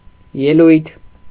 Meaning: 1. speech 2. public performance, show (e.g., a concert, play, sports match)
- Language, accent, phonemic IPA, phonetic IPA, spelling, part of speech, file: Armenian, Eastern Armenian, /jeˈlujtʰ/, [jelújtʰ], ելույթ, noun, Hy-ելույթ.ogg